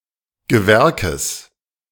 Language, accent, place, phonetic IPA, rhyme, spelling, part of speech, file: German, Germany, Berlin, [ɡəˈvɛʁkəs], -ɛʁkəs, Gewerkes, noun, De-Gewerkes.ogg
- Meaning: genitive of Gewerk